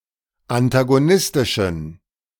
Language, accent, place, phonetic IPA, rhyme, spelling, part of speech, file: German, Germany, Berlin, [antaɡoˈnɪstɪʃn̩], -ɪstɪʃn̩, antagonistischen, adjective, De-antagonistischen.ogg
- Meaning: inflection of antagonistisch: 1. strong genitive masculine/neuter singular 2. weak/mixed genitive/dative all-gender singular 3. strong/weak/mixed accusative masculine singular 4. strong dative plural